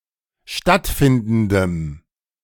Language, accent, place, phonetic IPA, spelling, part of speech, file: German, Germany, Berlin, [ˈʃtatˌfɪndn̩dəm], stattfindendem, adjective, De-stattfindendem.ogg
- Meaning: strong dative masculine/neuter singular of stattfindend